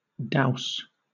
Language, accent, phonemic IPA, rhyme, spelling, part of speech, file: English, Southern England, /daʊs/, -aʊs, douse, verb / noun, LL-Q1860 (eng)-douse.wav
- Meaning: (verb) 1. To plunge suddenly into water; to duck; to immerse 2. To fall suddenly into water 3. To put out; to extinguish; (noun) A sudden plunging into water; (verb) To strike, beat, or thrash